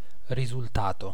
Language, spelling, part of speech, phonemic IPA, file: Italian, risultato, noun / verb, /risulˈtato/, It-risultato.ogg